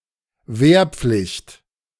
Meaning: conscription
- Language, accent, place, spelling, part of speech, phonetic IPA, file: German, Germany, Berlin, Wehrpflicht, noun, [ˈveːɐ̯ˌp͡flɪçt], De-Wehrpflicht.ogg